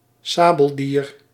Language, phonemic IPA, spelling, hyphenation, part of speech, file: Dutch, /ˈsaː.bəlˌdiːr/, sabeldier, sa‧bel‧dier, noun, Nl-sabeldier.ogg
- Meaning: sable (Martes zibellina)